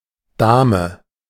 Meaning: 1. lady (woman of good breeding and manners) 2. lady; madam (polite term to refer to any woman) 3. queen 4. king 5. Dame 6. draughts; checkers
- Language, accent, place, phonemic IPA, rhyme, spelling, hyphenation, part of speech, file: German, Germany, Berlin, /ˈdaːmə/, -aːmə, Dame, Da‧me, noun, De-Dame.ogg